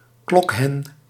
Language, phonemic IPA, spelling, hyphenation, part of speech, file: Dutch, /ˈklɔk.ɦɛn/, klokhen, klok‧hen, noun, Nl-klokhen.ogg
- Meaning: a brooding hen (female chicken) or mother hen